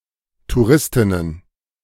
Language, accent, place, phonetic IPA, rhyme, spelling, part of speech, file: German, Germany, Berlin, [tuˈʁɪstɪnən], -ɪstɪnən, Touristinnen, noun, De-Touristinnen.ogg
- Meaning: plural of Touristin